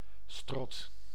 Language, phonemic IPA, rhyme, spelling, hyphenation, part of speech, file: Dutch, /strɔt/, -ɔt, strot, strot, noun, Nl-strot.ogg
- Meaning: 1. throat, gorge 2. larynx